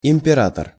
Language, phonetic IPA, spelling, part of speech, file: Russian, [ɪm⁽ʲ⁾pʲɪˈratər], император, noun, Ru-император.ogg
- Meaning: emperor